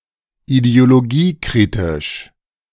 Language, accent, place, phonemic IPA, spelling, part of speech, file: German, Germany, Berlin, /ideoloˈɡiːˌkʁɪtɪʃ/, ideologiekritisch, adjective, De-ideologiekritisch.ogg
- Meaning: of ideological critique